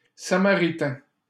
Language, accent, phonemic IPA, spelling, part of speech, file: French, Canada, /sa.ma.ʁi.tɛ̃/, samaritain, adjective / noun, LL-Q150 (fra)-samaritain.wav
- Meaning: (adjective) Samaritan (from Samaria); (noun) samaritan